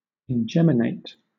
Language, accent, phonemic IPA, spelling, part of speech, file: English, Southern England, /ɪnˈdʒɛm.ɪ.neɪt/, ingeminate, verb / adjective, LL-Q1860 (eng)-ingeminate.wav
- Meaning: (verb) To say (a statement, word etc.) two or more times; to reiterate, to emphasize through repetition; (adjective) 1. redoubled 2. reiterated